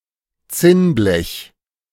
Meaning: tinplate
- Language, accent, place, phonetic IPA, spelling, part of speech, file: German, Germany, Berlin, [ˈt͡sɪnˌblɛç], Zinnblech, noun, De-Zinnblech.ogg